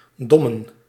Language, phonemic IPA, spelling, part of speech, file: Dutch, /ˈdɔmə(n)/, dommen, noun, Nl-dommen.ogg
- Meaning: plural of dom